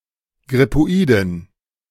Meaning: inflection of grippoid: 1. strong genitive masculine/neuter singular 2. weak/mixed genitive/dative all-gender singular 3. strong/weak/mixed accusative masculine singular 4. strong dative plural
- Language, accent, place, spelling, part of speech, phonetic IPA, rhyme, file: German, Germany, Berlin, grippoiden, adjective, [ɡʁɪpoˈiːdn̩], -iːdn̩, De-grippoiden.ogg